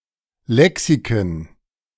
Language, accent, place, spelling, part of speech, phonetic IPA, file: German, Germany, Berlin, Lexiken, noun, [ˈlɛksikn̩], De-Lexiken.ogg
- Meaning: plural of Lexikon